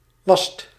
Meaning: inflection of wassen: 1. second/third-person singular present indicative 2. plural imperative
- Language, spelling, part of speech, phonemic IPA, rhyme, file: Dutch, wast, verb, /ʋɑst/, -ɑst, Nl-wast.ogg